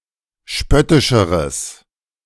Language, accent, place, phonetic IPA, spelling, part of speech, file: German, Germany, Berlin, [ˈʃpœtɪʃəʁəs], spöttischeres, adjective, De-spöttischeres.ogg
- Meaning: strong/mixed nominative/accusative neuter singular comparative degree of spöttisch